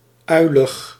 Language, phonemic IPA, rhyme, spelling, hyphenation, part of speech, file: Dutch, /ˈœy̯.ləx/, -œy̯ləx, uilig, ui‧lig, adjective, Nl-uilig.ogg
- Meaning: 1. silly, goofy, dopey 2. resembling owls